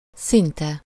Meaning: almost, nearly
- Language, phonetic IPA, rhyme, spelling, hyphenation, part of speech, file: Hungarian, [ˈsintɛ], -tɛ, szinte, szin‧te, adverb, Hu-szinte.ogg